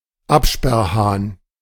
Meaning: stopcock
- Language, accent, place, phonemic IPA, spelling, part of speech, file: German, Germany, Berlin, /ˈapʃpɛrhaːn/, Absperrhahn, noun, De-Absperrhahn.ogg